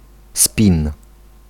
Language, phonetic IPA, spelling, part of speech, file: Polish, [spʲĩn], spin, noun, Pl-spin.ogg